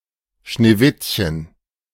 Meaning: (proper noun) 1. Snow White (a German folktale) 2. Snow White (the main character of this tale); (noun) A girl or woman with black or dark brown hair and pale skin
- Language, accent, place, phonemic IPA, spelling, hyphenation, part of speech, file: German, Germany, Berlin, /ʃneːˈvɪtçən/, Schneewittchen, Schnee‧witt‧chen, proper noun / noun, De-Schneewittchen.ogg